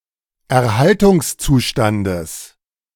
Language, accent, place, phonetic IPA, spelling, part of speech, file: German, Germany, Berlin, [ɛɐ̯ˈhaltʊŋsˌt͡suːʃtandəs], Erhaltungszustandes, noun, De-Erhaltungszustandes.ogg
- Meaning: genitive of Erhaltungszustand